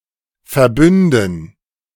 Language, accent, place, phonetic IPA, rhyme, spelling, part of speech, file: German, Germany, Berlin, [fɛɐ̯ˈbʏndn̩], -ʏndn̩, Verbünden, noun, De-Verbünden.ogg
- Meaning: 1. gerund of verbünden 2. dative plural of Verbund